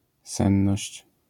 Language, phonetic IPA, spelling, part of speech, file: Polish, [ˈsɛ̃nːɔɕt͡ɕ], senność, noun, LL-Q809 (pol)-senność.wav